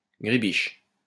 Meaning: gribiche
- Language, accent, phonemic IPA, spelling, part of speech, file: French, France, /ɡʁi.biʃ/, gribiche, adjective, LL-Q150 (fra)-gribiche.wav